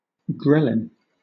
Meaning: A peptide hormone, secreted in the stomach when empty, that increases appetite and secretion of growth hormone from the pituitary gland
- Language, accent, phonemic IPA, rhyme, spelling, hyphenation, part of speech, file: English, Southern England, /ˈɡɹɛlɪn/, -ɛlɪn, ghrelin, ghre‧lin, noun, LL-Q1860 (eng)-ghrelin.wav